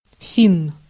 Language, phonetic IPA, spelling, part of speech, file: Russian, [fʲin], финн, noun, Ru-финн.ogg
- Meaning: Finn (male person from Finland)